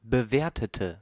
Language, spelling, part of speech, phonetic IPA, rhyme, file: German, bewertete, adjective / verb, [bəˈveːɐ̯tətə], -eːɐ̯tətə, De-bewertete.ogg
- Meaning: inflection of bewerten: 1. first/third-person singular preterite 2. first/third-person singular subjunctive II